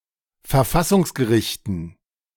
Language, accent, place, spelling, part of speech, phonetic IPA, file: German, Germany, Berlin, Verfassungsgerichten, noun, [fɛɐ̯ˈfasʊŋsɡəˌʁɪçtn̩], De-Verfassungsgerichten.ogg
- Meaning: dative plural of Verfassungsgericht